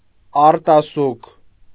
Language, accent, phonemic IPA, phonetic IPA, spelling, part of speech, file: Armenian, Eastern Armenian, /ɑɾtɑˈsukʰ/, [ɑɾtɑsúkʰ], արտասուք, noun, Hy-արտասուք.ogg
- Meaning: 1. tear 2. cry, sob, lament 3. guttation (of plants and trees)